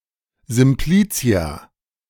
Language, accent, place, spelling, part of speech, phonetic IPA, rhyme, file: German, Germany, Berlin, Simplizia, noun, [zɪmˈpliːt͡si̯a], -iːt͡si̯a, De-Simplizia.ogg
- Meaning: plural of Simplex